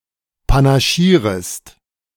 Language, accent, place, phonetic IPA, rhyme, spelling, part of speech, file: German, Germany, Berlin, [panaˈʃiːʁəst], -iːʁəst, panaschierest, verb, De-panaschierest.ogg
- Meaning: second-person singular subjunctive I of panaschieren